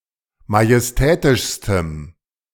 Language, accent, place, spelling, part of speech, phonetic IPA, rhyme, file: German, Germany, Berlin, majestätischstem, adjective, [majɛsˈtɛːtɪʃstəm], -ɛːtɪʃstəm, De-majestätischstem.ogg
- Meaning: strong dative masculine/neuter singular superlative degree of majestätisch